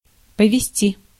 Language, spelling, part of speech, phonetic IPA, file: Russian, повезти, verb, [pəvʲɪˈsʲtʲi], Ru-повезти.ogg
- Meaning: 1. to convey, to carry (by vehicle), to deliver, to transport 2. to be lucky, to have luck, to work out for, to succeed, to be successful